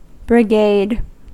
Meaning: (noun) 1. A group of people organized for a common purpose 2. A military unit composed of several regiments (or battalions) and including soldiers from different arms of service
- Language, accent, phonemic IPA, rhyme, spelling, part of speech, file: English, US, /bɹɪˈɡeɪd/, -eɪd, brigade, noun / verb, En-us-brigade.ogg